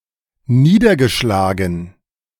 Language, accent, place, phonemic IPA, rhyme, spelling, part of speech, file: German, Germany, Berlin, /ˈniːdɐɡəˌʃlaːɡn̩/, -aːɡn̩, niedergeschlagen, adjective / verb, De-niedergeschlagen.ogg
- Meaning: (adjective) downhearted, low-spirited; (verb) past participle of niederschlagen